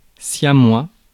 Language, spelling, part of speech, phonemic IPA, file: French, siamois, adjective / noun, /sja.mwa/, Fr-siamois.ogg
- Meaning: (adjective) 1. Siamese (from Siam) 2. Siamese, conjoined (attached to another human); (noun) 1. Siamese twin 2. Siamese cat